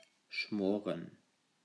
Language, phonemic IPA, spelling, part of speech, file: German, /ˈʃmoːʁən/, schmoren, verb, De-schmoren.ogg
- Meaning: to braise, to stew (cook in a covered pot in a small amount of liquid)